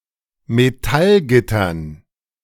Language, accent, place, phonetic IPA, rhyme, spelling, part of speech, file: German, Germany, Berlin, [meˈtalˌɡɪtɐn], -alɡɪtɐn, Metallgittern, noun, De-Metallgittern.ogg
- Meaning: dative plural of Metallgitter